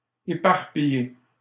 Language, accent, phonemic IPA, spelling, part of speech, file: French, Canada, /e.paʁ.pi.je/, éparpiller, verb, LL-Q150 (fra)-éparpiller.wav
- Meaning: to scatter